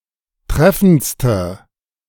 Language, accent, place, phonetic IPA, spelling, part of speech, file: German, Germany, Berlin, [ˈtʁɛfn̩t͡stə], treffendste, adjective, De-treffendste.ogg
- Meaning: inflection of treffend: 1. strong/mixed nominative/accusative feminine singular superlative degree 2. strong nominative/accusative plural superlative degree